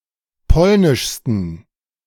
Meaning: 1. superlative degree of polnisch 2. inflection of polnisch: strong genitive masculine/neuter singular superlative degree
- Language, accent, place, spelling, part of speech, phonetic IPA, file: German, Germany, Berlin, polnischsten, adjective, [ˈpɔlnɪʃstn̩], De-polnischsten.ogg